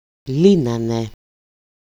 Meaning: third-person plural imperfect active indicative of λύνω (lýno)
- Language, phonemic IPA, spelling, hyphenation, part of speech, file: Greek, /ˈli.na.ne/, λύνανε, λύ‧να‧νε, verb, El-λύνανε.ogg